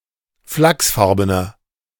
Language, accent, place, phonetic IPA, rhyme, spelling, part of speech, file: German, Germany, Berlin, [ˈflaksˌfaʁbənɐ], -aksfaʁbənɐ, flachsfarbener, adjective, De-flachsfarbener.ogg
- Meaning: inflection of flachsfarben: 1. strong/mixed nominative masculine singular 2. strong genitive/dative feminine singular 3. strong genitive plural